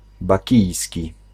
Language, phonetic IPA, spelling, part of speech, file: Polish, [baˈcijsʲci], bakijski, adjective, Pl-bakijski.ogg